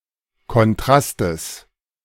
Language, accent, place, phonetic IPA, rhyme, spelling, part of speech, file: German, Germany, Berlin, [kɔnˈtʁastəs], -astəs, Kontrastes, noun, De-Kontrastes.ogg
- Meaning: genitive singular of Kontrast